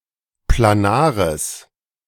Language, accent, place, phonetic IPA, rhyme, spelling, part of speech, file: German, Germany, Berlin, [plaˈnaːʁəs], -aːʁəs, planares, adjective, De-planares.ogg
- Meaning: strong/mixed nominative/accusative neuter singular of planar